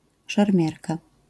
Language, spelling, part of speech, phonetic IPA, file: Polish, szermierka, noun, [ʃɛrˈmʲjɛrka], LL-Q809 (pol)-szermierka.wav